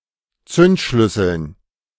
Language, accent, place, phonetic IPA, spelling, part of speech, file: German, Germany, Berlin, [ˈt͡sʏntˌʃlʏsl̩n], Zündschlüsseln, noun, De-Zündschlüsseln.ogg
- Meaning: dative plural of Zündschlüssel